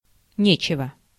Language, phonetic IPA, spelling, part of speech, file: Russian, [ˈnʲet͡ɕɪvə], нечего, adjective, Ru-нечего.ogg
- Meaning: 1. there is nothing 2. there is no need, it is no use